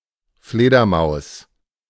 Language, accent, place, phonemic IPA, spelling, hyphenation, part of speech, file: German, Germany, Berlin, /ˈfleːdɐˌmaʊ̯s/, Fledermaus, Fle‧der‧maus, noun, De-Fledermaus.ogg
- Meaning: 1. microbat 2. bat (flying mammal)